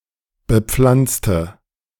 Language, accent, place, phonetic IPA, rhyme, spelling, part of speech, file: German, Germany, Berlin, [bəˈp͡flant͡stə], -ant͡stə, bepflanzte, adjective / verb, De-bepflanzte.ogg
- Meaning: inflection of bepflanzen: 1. first/third-person singular preterite 2. first/third-person singular subjunctive II